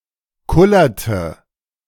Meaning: inflection of kullern: 1. first/third-person singular preterite 2. first/third-person singular subjunctive II
- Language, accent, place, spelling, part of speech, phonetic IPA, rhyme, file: German, Germany, Berlin, kullerte, verb, [ˈkʊlɐtə], -ʊlɐtə, De-kullerte.ogg